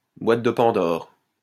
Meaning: Pandora's box (source of unforeseen trouble)
- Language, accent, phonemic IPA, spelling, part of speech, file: French, France, /bwat də pɑ̃.dɔʁ/, boîte de Pandore, noun, LL-Q150 (fra)-boîte de Pandore.wav